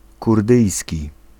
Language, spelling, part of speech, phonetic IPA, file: Polish, kurdyjski, adjective / noun, [kurˈdɨjsʲci], Pl-kurdyjski.ogg